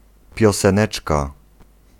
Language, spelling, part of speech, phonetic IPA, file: Polish, pioseneczka, noun, [ˌpʲjɔsɛ̃ˈnɛt͡ʃka], Pl-pioseneczka.ogg